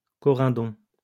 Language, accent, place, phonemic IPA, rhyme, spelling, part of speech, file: French, France, Lyon, /kɔ.ʁɛ̃.dɔ̃/, -ɔ̃, corindon, noun, LL-Q150 (fra)-corindon.wav
- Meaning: corundum